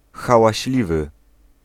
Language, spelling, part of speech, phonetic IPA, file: Polish, hałaśliwy, adjective, [ˌxawaɕˈlʲivɨ], Pl-hałaśliwy.ogg